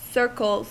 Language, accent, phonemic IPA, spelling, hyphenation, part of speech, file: English, US, /ˈsɝkl̩z/, circles, cir‧cles, noun / verb, En-us-circles.ogg
- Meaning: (noun) plural of circle; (verb) third-person singular simple present indicative of circle